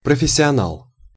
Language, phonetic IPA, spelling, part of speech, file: Russian, [prəfʲɪsʲɪɐˈnaɫ], профессионал, noun, Ru-профессионал.ogg
- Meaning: professional, pro